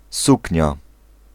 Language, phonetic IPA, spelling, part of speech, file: Polish, [ˈsucɲa], suknia, noun, Pl-suknia.ogg